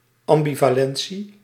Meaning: ambivalence, coexistence of opposing attitudes
- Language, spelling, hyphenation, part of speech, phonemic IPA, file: Dutch, ambivalentie, am‧bi‧va‧len‧tie, noun, /ˌɑm.bi.vaːˈlɛn.(t)si/, Nl-ambivalentie.ogg